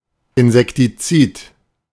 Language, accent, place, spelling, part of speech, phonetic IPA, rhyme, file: German, Germany, Berlin, Insektizid, noun, [ɪnzɛktiˈt͡siːt], -iːt, De-Insektizid.ogg
- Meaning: insecticide